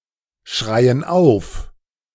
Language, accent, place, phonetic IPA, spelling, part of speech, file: German, Germany, Berlin, [ˌʃʁaɪ̯ən ˈaʊ̯f], schreien auf, verb, De-schreien auf.ogg
- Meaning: inflection of aufschreien: 1. first/third-person plural present 2. first/third-person plural subjunctive I